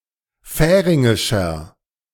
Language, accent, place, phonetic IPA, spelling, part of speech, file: German, Germany, Berlin, [ˈfɛːʁɪŋɪʃɐ], färingischer, adjective, De-färingischer.ogg
- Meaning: inflection of färingisch: 1. strong/mixed nominative masculine singular 2. strong genitive/dative feminine singular 3. strong genitive plural